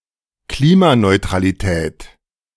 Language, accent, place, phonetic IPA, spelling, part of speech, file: German, Germany, Berlin, [ˈkliːmanɔɪ̯tʁaliˌtɛːt], Klimaneutralität, noun, De-Klimaneutralität.ogg
- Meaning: carbon neutrality